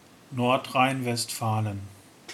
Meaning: North Rhine-Westphalia (a state in western Germany)
- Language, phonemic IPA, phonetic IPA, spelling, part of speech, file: German, /ˌnɔʁtʁaɪ̯nvɛstˈfaːlən/, [ˌnɔʁtʁaɪ̯nvɛstʰˈfaːln̩], Nordrhein-Westfalen, proper noun, De-Nordrhein-Westfalen.ogg